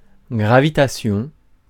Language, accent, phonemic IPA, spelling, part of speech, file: French, France, /ɡʁa.vi.ta.sjɔ̃/, gravitation, noun, Fr-gravitation.ogg
- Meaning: gravitation